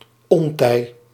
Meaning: found in the idiomatic phrase bij nacht en ontij
- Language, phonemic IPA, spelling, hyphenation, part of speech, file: Dutch, /ˈɔntɛi̯/, ontij, on‧tij, noun, Nl-ontij.ogg